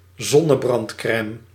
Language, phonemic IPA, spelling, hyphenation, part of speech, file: Dutch, /ˈzɔ.nə.brɑntˌkrɛm/, zonnebrandcrème, zon‧ne‧brand‧crè‧me, noun, Nl-zonnebrandcrème.ogg
- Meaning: sunscreen